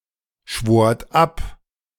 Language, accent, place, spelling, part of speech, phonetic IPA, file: German, Germany, Berlin, schwort ab, verb, [ˌʃvoːɐ̯t ˈap], De-schwort ab.ogg
- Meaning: second-person plural preterite of abschwören